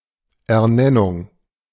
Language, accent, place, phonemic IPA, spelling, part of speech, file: German, Germany, Berlin, /ʔɛɐ̯ˈnɛnʊŋ/, Ernennung, noun, De-Ernennung.ogg
- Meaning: appointment